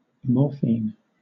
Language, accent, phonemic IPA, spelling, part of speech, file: English, Southern England, /ˈmɔː.fiːn/, morphine, noun, LL-Q1860 (eng)-morphine.wav